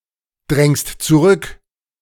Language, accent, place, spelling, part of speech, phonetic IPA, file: German, Germany, Berlin, drängst zurück, verb, [ˌdʁɛŋst t͡suˈʁʏk], De-drängst zurück.ogg
- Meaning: second-person singular present of zurückdrängen